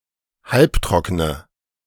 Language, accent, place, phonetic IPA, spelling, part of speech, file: German, Germany, Berlin, [ˈhalpˌtʁɔkənə], halbtrockene, adjective, De-halbtrockene.ogg
- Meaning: inflection of halbtrocken: 1. strong/mixed nominative/accusative feminine singular 2. strong nominative/accusative plural 3. weak nominative all-gender singular